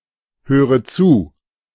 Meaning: inflection of zuhören: 1. first-person singular present 2. first/third-person singular subjunctive I 3. singular imperative
- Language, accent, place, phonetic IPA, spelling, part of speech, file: German, Germany, Berlin, [ˌhøːʁə ˈt͡suː], höre zu, verb, De-höre zu.ogg